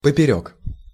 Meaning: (preposition) across, athwart; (adverb) across, crosswise
- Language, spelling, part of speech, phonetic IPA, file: Russian, поперёк, preposition / adverb, [pəpʲɪˈrʲɵk], Ru-поперёк.ogg